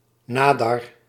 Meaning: crush barrier
- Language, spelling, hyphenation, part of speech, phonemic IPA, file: Dutch, nadar, na‧dar, noun, /ˈnaː.dɑr/, Nl-nadar.ogg